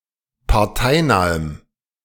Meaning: strong dative masculine/neuter singular of parteinah
- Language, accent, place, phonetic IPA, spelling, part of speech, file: German, Germany, Berlin, [paʁˈtaɪ̯naːəm], parteinahem, adjective, De-parteinahem.ogg